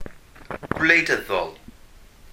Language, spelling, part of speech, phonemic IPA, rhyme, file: Welsh, gwleidyddol, adjective, /ɡwlei̯ˈdəðɔl/, -əðɔl, Cy-gwleidyddol.ogg
- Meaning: political